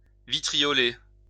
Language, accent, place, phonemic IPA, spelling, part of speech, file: French, France, Lyon, /vi.tʁi.jɔ.le/, vitrioler, verb, LL-Q150 (fra)-vitrioler.wav
- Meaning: to vitriolize